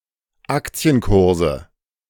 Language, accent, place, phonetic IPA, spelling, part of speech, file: German, Germany, Berlin, [ˈakt͡si̯ənˌkʊʁzə], Aktienkurse, noun, De-Aktienkurse.ogg
- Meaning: nominative/accusative/genitive plural of Aktienkurs